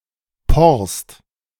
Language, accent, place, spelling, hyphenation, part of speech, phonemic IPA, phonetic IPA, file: German, Germany, Berlin, Porst, Porst, noun, /ˈpɔʁst/, [ˈpɔɐ̯st], De-Porst.ogg
- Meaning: 1. gale or sweet gale (Myrica gale) 2. marsh rosemary (Rhododendron tomentosum) and the whole Rhododendron subsect. Ledum 3. hogweed (Heracleum gen. et spp.)